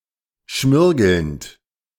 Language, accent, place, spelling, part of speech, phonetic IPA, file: German, Germany, Berlin, schmirgelnd, verb, [ˈʃmɪʁɡl̩nt], De-schmirgelnd.ogg
- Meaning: present participle of schmirgeln